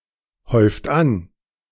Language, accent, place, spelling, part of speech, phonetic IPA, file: German, Germany, Berlin, häuft an, verb, [ˌhɔɪ̯ft ˈan], De-häuft an.ogg
- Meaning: inflection of anhäufen: 1. second-person plural present 2. third-person singular present 3. plural imperative